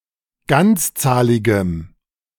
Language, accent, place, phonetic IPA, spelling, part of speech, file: German, Germany, Berlin, [ˈɡant͡sˌt͡saːlɪɡəm], ganzzahligem, adjective, De-ganzzahligem.ogg
- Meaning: strong dative masculine/neuter singular of ganzzahlig